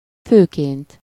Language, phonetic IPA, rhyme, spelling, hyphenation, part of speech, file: Hungarian, [ˈføːkeːnt], -eːnt, főként, fő‧ként, adverb / noun, Hu-főként.ogg
- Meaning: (adverb) mainly, chiefly; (noun) essive-formal singular of fő